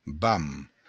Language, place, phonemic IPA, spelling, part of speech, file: Occitan, Béarn, /bam/, vam, noun, LL-Q14185 (oci)-vam.wav
- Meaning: momentum